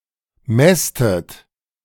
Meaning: inflection of mästen: 1. second-person plural present 2. second-person plural subjunctive I 3. third-person singular present 4. plural imperative
- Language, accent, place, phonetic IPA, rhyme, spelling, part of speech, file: German, Germany, Berlin, [ˈmɛstət], -ɛstət, mästet, verb, De-mästet.ogg